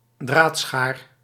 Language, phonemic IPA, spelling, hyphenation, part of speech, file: Dutch, /ˈdraːt.sxaːr/, draadschaar, draad‧schaar, noun, Nl-draadschaar.ogg
- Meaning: wire cutter